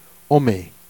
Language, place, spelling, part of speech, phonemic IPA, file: Jèrriais, Jersey, anmîn, noun, /amĩ/, Jer-anmîn.ogg
- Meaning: friend